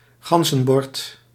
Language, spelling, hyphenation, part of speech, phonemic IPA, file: Dutch, ganzenbord, gan‧zen‧bord, noun, /ˈɣɑn.zə(n)ˌbɔrt/, Nl-ganzenbord.ogg
- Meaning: the Game of the Goose